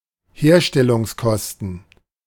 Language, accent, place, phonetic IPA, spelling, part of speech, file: German, Germany, Berlin, [ˈheːɐ̯ʃtɛlʊŋsˌkɔstn̩], Herstellungskosten, noun, De-Herstellungskosten.ogg
- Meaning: production costs